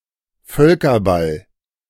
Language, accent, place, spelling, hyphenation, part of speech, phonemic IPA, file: German, Germany, Berlin, Völkerball, Völ‧ker‧ball, noun, /ˈfœlkɐˌbal/, De-Völkerball.ogg
- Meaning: dodgeball